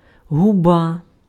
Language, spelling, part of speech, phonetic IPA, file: Ukrainian, губа, noun, [ɦʊˈba], Uk-губа.ogg
- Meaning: lip